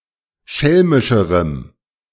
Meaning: strong dative masculine/neuter singular comparative degree of schelmisch
- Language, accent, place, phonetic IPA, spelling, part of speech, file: German, Germany, Berlin, [ˈʃɛlmɪʃəʁəm], schelmischerem, adjective, De-schelmischerem.ogg